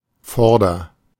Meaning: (adjective) front, forward, leading; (preposition) alternative form of vor (“in front of”)
- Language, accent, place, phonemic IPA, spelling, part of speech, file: German, Germany, Berlin, /ˈfɔʁdɐ/, vorder, adjective / preposition, De-vorder.ogg